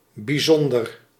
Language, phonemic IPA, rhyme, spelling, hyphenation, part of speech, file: Dutch, /biˈzɔn.dər/, -ɔndər, bijzonder, bij‧zon‧der, adjective, Nl-bijzonder.ogg
- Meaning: 1. special 2. unusual